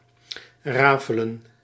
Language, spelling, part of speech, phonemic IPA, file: Dutch, rafelen, verb, /ˈraː.fə.lə(n)/, Nl-rafelen.ogg
- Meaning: to fray, unravel